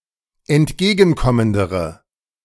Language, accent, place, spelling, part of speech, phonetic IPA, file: German, Germany, Berlin, entgegenkommendere, adjective, [ɛntˈɡeːɡn̩ˌkɔməndəʁə], De-entgegenkommendere.ogg
- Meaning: inflection of entgegenkommend: 1. strong/mixed nominative/accusative feminine singular comparative degree 2. strong nominative/accusative plural comparative degree